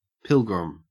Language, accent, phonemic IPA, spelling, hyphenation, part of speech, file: English, Australia, /ˈpɪlɡɹɪm/, pilgrim, pil‧grim, noun / verb, En-au-pilgrim.ogg
- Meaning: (noun) 1. One who travels to visit a site of religious significance.: Any traveler 2. One who travels to visit a site of religious significance.: An early American settler 3. A newcomer